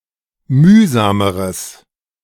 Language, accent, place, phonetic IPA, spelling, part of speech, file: German, Germany, Berlin, [ˈmyːzaːməʁəs], mühsameres, adjective, De-mühsameres.ogg
- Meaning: strong/mixed nominative/accusative neuter singular comparative degree of mühsam